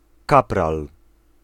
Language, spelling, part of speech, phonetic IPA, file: Polish, kapral, noun, [ˈkapral], Pl-kapral.ogg